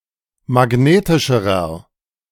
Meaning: inflection of magnetisch: 1. strong/mixed nominative masculine singular comparative degree 2. strong genitive/dative feminine singular comparative degree 3. strong genitive plural comparative degree
- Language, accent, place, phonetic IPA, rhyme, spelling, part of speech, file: German, Germany, Berlin, [maˈɡneːtɪʃəʁɐ], -eːtɪʃəʁɐ, magnetischerer, adjective, De-magnetischerer.ogg